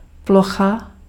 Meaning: 1. area (measure of squared distance) 2. desktop (on-screen background)
- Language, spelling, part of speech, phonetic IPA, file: Czech, plocha, noun, [ˈploxa], Cs-plocha.ogg